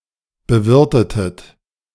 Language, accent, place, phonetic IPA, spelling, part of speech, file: German, Germany, Berlin, [bəˈvɪʁtətət], bewirtetet, verb, De-bewirtetet.ogg
- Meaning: inflection of bewirten: 1. second-person plural preterite 2. second-person plural subjunctive II